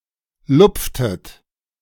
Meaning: inflection of lupfen: 1. second-person plural preterite 2. second-person plural subjunctive II
- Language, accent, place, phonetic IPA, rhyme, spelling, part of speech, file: German, Germany, Berlin, [ˈlʊp͡ftət], -ʊp͡ftət, lupftet, verb, De-lupftet.ogg